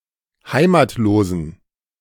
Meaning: inflection of heimatlos: 1. strong genitive masculine/neuter singular 2. weak/mixed genitive/dative all-gender singular 3. strong/weak/mixed accusative masculine singular 4. strong dative plural
- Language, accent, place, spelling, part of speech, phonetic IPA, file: German, Germany, Berlin, heimatlosen, adjective, [ˈhaɪ̯maːtloːzn̩], De-heimatlosen.ogg